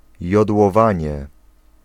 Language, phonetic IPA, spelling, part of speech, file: Polish, [ˌjɔdwɔˈvãɲɛ], jodłowanie, noun, Pl-jodłowanie.ogg